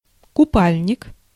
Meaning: swimsuit, bathing suit, swimwear
- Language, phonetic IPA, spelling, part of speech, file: Russian, [kʊˈpalʲnʲɪk], купальник, noun, Ru-купальник.ogg